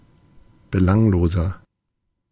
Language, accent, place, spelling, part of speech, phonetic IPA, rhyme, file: German, Germany, Berlin, belangloser, adjective, [bəˈlaŋloːzɐ], -aŋloːzɐ, De-belangloser.ogg
- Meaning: 1. comparative degree of belanglos 2. inflection of belanglos: strong/mixed nominative masculine singular 3. inflection of belanglos: strong genitive/dative feminine singular